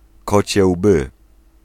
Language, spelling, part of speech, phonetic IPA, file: Polish, kocie łby, noun, [ˈkɔt͡ɕɛ ˈwbɨ], Pl-kocie łby.ogg